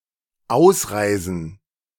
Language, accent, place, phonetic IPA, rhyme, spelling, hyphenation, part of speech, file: German, Germany, Berlin, [ˈaʊ̯sˌʁaɪ̯zn̩], -aɪ̯zn̩, ausreisen, aus‧rei‧sen, verb, De-ausreisen.ogg
- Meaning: to depart (from a country), to exit (a country)